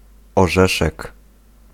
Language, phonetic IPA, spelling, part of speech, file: Polish, [ɔˈʒɛʃɛk], orzeszek, noun, Pl-orzeszek.ogg